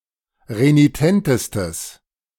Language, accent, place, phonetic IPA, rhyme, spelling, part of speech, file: German, Germany, Berlin, [ʁeniˈtɛntəstəs], -ɛntəstəs, renitentestes, adjective, De-renitentestes.ogg
- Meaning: strong/mixed nominative/accusative neuter singular superlative degree of renitent